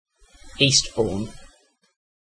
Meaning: 1. A coastal town and local government district with borough status in East Sussex, England (OS grid ref TV6098) 2. An eastern suburb of Darlington, County Durham, England (OS grid ref NZ3014)
- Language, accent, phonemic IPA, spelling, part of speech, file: English, UK, /ˈiːstbɔː(ɹ)n/, Eastbourne, proper noun, En-uk-Eastbourne.ogg